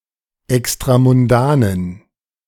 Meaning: inflection of extramundan: 1. strong genitive masculine/neuter singular 2. weak/mixed genitive/dative all-gender singular 3. strong/weak/mixed accusative masculine singular 4. strong dative plural
- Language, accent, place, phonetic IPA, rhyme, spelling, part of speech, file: German, Germany, Berlin, [ɛkstʁamʊnˈdaːnən], -aːnən, extramundanen, adjective, De-extramundanen.ogg